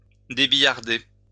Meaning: to cut diagonally
- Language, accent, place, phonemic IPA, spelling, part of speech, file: French, France, Lyon, /de.bi.jaʁ.de/, débillarder, verb, LL-Q150 (fra)-débillarder.wav